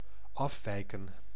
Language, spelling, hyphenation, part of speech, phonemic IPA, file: Dutch, afwijken, af‧wij‧ken, verb, /ˈɑfʋɛi̯kə(n)/, Nl-afwijken.ogg
- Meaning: 1. to go away, to leave 2. to deviate 3. to differ